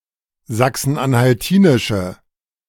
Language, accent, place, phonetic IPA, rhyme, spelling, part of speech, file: German, Germany, Berlin, [ˌzaksn̩ʔanhalˈtiːnɪʃə], -iːnɪʃə, sachsen-anhaltinische, adjective, De-sachsen-anhaltinische.ogg
- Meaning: inflection of sachsen-anhaltinisch: 1. strong/mixed nominative/accusative feminine singular 2. strong nominative/accusative plural 3. weak nominative all-gender singular